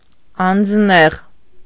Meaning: personable, of good appearance, tall, well-made, fine-limbed
- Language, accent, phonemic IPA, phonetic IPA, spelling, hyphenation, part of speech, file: Armenian, Eastern Armenian, /ɑnd͡zˈneʁ/, [ɑnd͡znéʁ], անձնեղ, անձ‧նեղ, adjective, Hy-անձնեղ.ogg